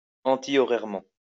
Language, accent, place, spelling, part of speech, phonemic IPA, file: French, France, Lyon, antihorairement, adverb, /ɑ̃.ti.ɔ.ʁɛʁ.mɑ̃/, LL-Q150 (fra)-antihorairement.wav
- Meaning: anticlockwise